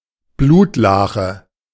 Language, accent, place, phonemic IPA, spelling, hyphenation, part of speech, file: German, Germany, Berlin, /ˈbluːtˌlaːxə/, Blutlache, Blut‧la‧che, noun, De-Blutlache.ogg
- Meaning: pool of blood